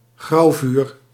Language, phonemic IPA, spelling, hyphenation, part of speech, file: Dutch, /ˈɣrɑu̯.vyːr/, grauwvuur, grauw‧vuur, noun, Nl-grauwvuur.ogg
- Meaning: firedamp explosion